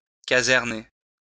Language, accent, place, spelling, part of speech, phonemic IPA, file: French, France, Lyon, caserner, verb, /ka.zɛʁ.ne/, LL-Q150 (fra)-caserner.wav
- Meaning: to barrack